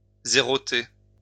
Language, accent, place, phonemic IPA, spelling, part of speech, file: French, France, Lyon, /ze.ʁɔ.te/, zéroter, verb, LL-Q150 (fra)-zéroter.wav
- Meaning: to zero (set to zero)